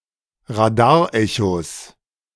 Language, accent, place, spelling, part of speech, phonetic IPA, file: German, Germany, Berlin, Radarechos, noun, [ʁaˈdaːɐ̯ˌʔɛços], De-Radarechos.ogg
- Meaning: plural of Radarecho